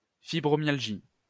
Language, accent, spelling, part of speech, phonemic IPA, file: French, France, fibromyalgie, noun, /fi.bʁɔ.mjal.ʒi/, LL-Q150 (fra)-fibromyalgie.wav
- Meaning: fibromyalgia